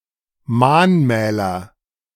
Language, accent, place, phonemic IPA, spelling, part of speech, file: German, Germany, Berlin, /ˈmaːnˌmɛːlɐ/, Mahnmäler, noun, De-Mahnmäler.ogg
- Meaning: nominative/accusative/genitive plural of Mahnmal